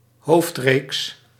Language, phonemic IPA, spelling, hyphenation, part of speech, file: Dutch, /ˈɦoːft.reːks/, hoofdreeks, hoofd‧reeks, noun, Nl-hoofdreeks.ogg
- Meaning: 1. a main series, a main sequence 2. the main sequence